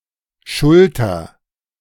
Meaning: shoulder
- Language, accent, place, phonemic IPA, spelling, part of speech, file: German, Germany, Berlin, /ˈʃʊltɐ/, Schulter, noun, De-Schulter2.ogg